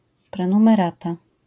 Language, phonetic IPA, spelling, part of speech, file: Polish, [ˌprɛ̃nũmɛˈrata], prenumerata, noun, LL-Q809 (pol)-prenumerata.wav